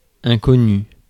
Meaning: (adjective) unknown, obscure, unfamiliar, strange; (noun) 1. an unknown person, place, or thing; a stranger 2. the things one does not know, in contrast to what one does
- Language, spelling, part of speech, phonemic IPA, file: French, inconnu, adjective / noun, /ɛ̃.kɔ.ny/, Fr-inconnu.ogg